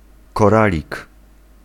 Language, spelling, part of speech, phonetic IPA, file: Polish, koralik, noun, [kɔˈralʲik], Pl-koralik.ogg